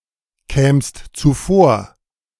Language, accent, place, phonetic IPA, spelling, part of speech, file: German, Germany, Berlin, [ˌkɛːmst t͡suˈfoːɐ̯], kämst zuvor, verb, De-kämst zuvor.ogg
- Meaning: second-person singular subjunctive II of zuvorkommen